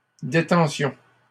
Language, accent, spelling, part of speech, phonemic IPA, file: French, Canada, détentions, noun, /de.tɑ̃.sjɔ̃/, LL-Q150 (fra)-détentions.wav
- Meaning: plural of détention